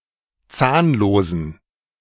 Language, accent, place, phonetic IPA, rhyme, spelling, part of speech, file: German, Germany, Berlin, [ˈt͡saːnloːzn̩], -aːnloːzn̩, zahnlosen, adjective, De-zahnlosen.ogg
- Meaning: inflection of zahnlos: 1. strong genitive masculine/neuter singular 2. weak/mixed genitive/dative all-gender singular 3. strong/weak/mixed accusative masculine singular 4. strong dative plural